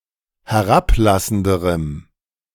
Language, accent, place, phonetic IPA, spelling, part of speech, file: German, Germany, Berlin, [hɛˈʁapˌlasn̩dəʁəm], herablassenderem, adjective, De-herablassenderem.ogg
- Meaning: strong dative masculine/neuter singular comparative degree of herablassend